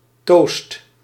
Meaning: Melba toast
- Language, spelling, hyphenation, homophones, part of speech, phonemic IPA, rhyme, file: Dutch, toast, toast, toost, noun, /toːst/, -oːst, Nl-toast.ogg